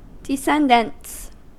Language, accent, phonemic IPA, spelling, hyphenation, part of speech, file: English, US, /dɪˈsɛndənts/, descendants, des‧cen‧dants, noun, En-us-descendants.ogg
- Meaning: plural of descendant